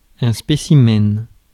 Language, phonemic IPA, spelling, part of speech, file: French, /spe.si.mɛn/, spécimen, noun, Fr-spécimen.ogg
- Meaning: specimen